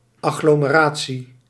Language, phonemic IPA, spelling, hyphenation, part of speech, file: Dutch, /ˌɑ.ɣloː.məˈraː.(t)si/, agglomeratie, ag‧glo‧me‧ra‧tie, noun, Nl-agglomeratie.ogg
- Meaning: agglomeration